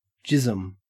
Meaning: 1. Spirit or energy 2. Semen
- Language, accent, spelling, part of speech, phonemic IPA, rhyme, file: English, Australia, jism, noun, /ˈd͡ʒɪzəm/, -ɪzəm, En-au-jism.ogg